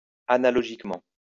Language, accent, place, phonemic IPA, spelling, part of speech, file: French, France, Lyon, /a.na.lɔ.ʒik.mɑ̃/, analogiquement, adverb, LL-Q150 (fra)-analogiquement.wav
- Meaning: analogously